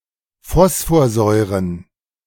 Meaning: plural of Phosphorsäure
- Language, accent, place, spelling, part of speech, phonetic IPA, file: German, Germany, Berlin, Phosphorsäuren, noun, [ˈfɔsfoːɐ̯ˌzɔɪ̯ʁən], De-Phosphorsäuren.ogg